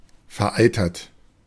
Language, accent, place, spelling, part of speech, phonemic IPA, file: German, Germany, Berlin, vereitert, verb / adjective, /fɛɐ̯ˈaɪ̯tɐt/, De-vereitert.ogg
- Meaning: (verb) past participle of vereitern; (adjective) purulent, festering